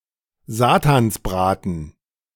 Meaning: rascal, brat, little devil
- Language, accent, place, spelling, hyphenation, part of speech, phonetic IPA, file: German, Germany, Berlin, Satansbraten, Sa‧tans‧bra‧ten, noun, [ˈzaːtansˌbʁaːtn̩], De-Satansbraten.ogg